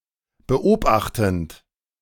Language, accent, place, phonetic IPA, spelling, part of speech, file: German, Germany, Berlin, [bəˈʔoːbaxtn̩t], beobachtend, verb, De-beobachtend.ogg
- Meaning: present participle of beobachten